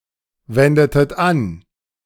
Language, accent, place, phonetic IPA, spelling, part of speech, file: German, Germany, Berlin, [ˌvɛndətət ˈan], wendetet an, verb, De-wendetet an.ogg
- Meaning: inflection of anwenden: 1. second-person plural preterite 2. second-person plural subjunctive II